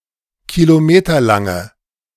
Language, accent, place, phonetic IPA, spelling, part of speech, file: German, Germany, Berlin, [kiloˈmeːtɐlaŋə], kilometerlange, adjective, De-kilometerlange.ogg
- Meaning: inflection of kilometerlang: 1. strong/mixed nominative/accusative feminine singular 2. strong nominative/accusative plural 3. weak nominative all-gender singular